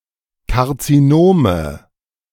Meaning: nominative/accusative/genitive plural of Karzinom
- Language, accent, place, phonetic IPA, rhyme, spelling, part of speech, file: German, Germany, Berlin, [kaʁt͡siˈnoːmə], -oːmə, Karzinome, noun, De-Karzinome.ogg